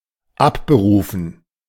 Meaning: 1. to withdraw 2. to recall
- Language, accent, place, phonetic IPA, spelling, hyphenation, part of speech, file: German, Germany, Berlin, [ˈapbəˌʁuːfən], abberufen, ab‧be‧ru‧fen, verb, De-abberufen.ogg